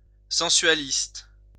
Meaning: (adjective) sensualist
- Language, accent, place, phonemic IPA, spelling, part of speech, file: French, France, Lyon, /sɑ̃.sɥa.list/, sensualiste, adjective / noun, LL-Q150 (fra)-sensualiste.wav